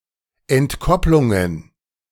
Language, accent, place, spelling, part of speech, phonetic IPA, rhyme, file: German, Germany, Berlin, Entkopplungen, noun, [ɛntˈkɔplʊŋən], -ɔplʊŋən, De-Entkopplungen.ogg
- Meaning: plural of Entkopplung